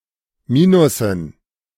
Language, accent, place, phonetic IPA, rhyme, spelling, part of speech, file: German, Germany, Berlin, [ˈmiːnʊsn̩], -iːnʊsn̩, Minussen, noun, De-Minussen.ogg
- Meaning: dative plural of Minus